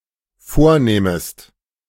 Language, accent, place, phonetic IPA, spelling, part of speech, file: German, Germany, Berlin, [ˈfoːɐ̯ˌnɛːməst], vornähmest, verb, De-vornähmest.ogg
- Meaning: second-person singular dependent subjunctive II of vornehmen